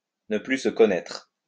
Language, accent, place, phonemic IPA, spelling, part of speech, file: French, France, Lyon, /nə ply s(ə) kɔ.nɛtʁ/, ne plus se connaître, verb, LL-Q150 (fra)-ne plus se connaître.wav
- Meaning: to be beside oneself with anger, to be furious